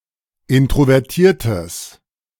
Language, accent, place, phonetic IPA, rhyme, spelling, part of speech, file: German, Germany, Berlin, [ˌɪntʁovɛʁˈtiːɐ̯təs], -iːɐ̯təs, introvertiertes, adjective, De-introvertiertes.ogg
- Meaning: strong/mixed nominative/accusative neuter singular of introvertiert